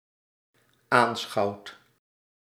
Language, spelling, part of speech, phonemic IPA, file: Dutch, aanschouwt, verb, /anˈsxɑuwt/, Nl-aanschouwt.ogg
- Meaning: inflection of aanschouwen: 1. second/third-person singular present indicative 2. plural imperative